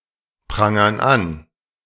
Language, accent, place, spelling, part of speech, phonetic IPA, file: German, Germany, Berlin, prangern an, verb, [ˌpʁaŋɐn ˈan], De-prangern an.ogg
- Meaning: inflection of anprangern: 1. first/third-person plural present 2. first/third-person plural subjunctive I